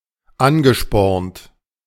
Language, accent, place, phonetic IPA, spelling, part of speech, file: German, Germany, Berlin, [ˈanɡəˌʃpɔʁnt], angespornt, verb, De-angespornt.ogg
- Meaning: past participle of anspornen